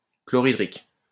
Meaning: hydrochloric
- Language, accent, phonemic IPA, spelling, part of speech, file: French, France, /klɔ.ʁi.dʁik/, chlorhydrique, adjective, LL-Q150 (fra)-chlorhydrique.wav